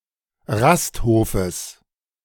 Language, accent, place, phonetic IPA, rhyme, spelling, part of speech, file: German, Germany, Berlin, [ˈʁastˌhoːfəs], -asthoːfəs, Rasthofes, noun, De-Rasthofes.ogg
- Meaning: genitive singular of Rasthof